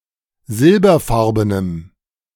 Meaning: strong dative masculine/neuter singular of silberfarben
- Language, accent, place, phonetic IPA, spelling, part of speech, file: German, Germany, Berlin, [ˈzɪlbɐˌfaʁbənəm], silberfarbenem, adjective, De-silberfarbenem.ogg